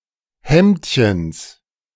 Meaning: genitive singular of Hemdchen
- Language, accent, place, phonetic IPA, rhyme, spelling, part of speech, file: German, Germany, Berlin, [ˈhɛmtçəns], -ɛmtçəns, Hemdchens, noun, De-Hemdchens.ogg